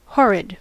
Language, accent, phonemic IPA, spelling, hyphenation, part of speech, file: English, General American, /ˈhɔ.ɹɪd/, horrid, hor‧rid, adjective / adverb, En-us-horrid.ogg
- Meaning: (adjective) 1. Bristling, rough, rugged 2. Causing horror or dread 3. Offensive, disagreeable, abominable, execrable; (adverb) Terribly; horridly; to an extreme extent